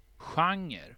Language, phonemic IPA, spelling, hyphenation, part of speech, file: Swedish, /ˈɧaŋɛr/, genre, gen‧re, noun, Sv-genre.ogg
- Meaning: a genre